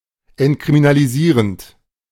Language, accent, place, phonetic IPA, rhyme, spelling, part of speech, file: German, Germany, Berlin, [ɛntkʁiminaliˈziːʁənt], -iːʁənt, entkriminalisierend, verb, De-entkriminalisierend.ogg
- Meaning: present participle of entkriminalisieren